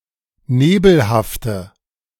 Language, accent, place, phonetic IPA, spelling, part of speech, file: German, Germany, Berlin, [ˈneːbl̩haftə], nebelhafte, adjective, De-nebelhafte.ogg
- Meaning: inflection of nebelhaft: 1. strong/mixed nominative/accusative feminine singular 2. strong nominative/accusative plural 3. weak nominative all-gender singular